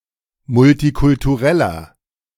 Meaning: inflection of multikulturell: 1. strong/mixed nominative masculine singular 2. strong genitive/dative feminine singular 3. strong genitive plural
- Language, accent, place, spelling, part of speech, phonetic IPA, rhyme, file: German, Germany, Berlin, multikultureller, adjective, [mʊltikʊltuˈʁɛlɐ], -ɛlɐ, De-multikultureller.ogg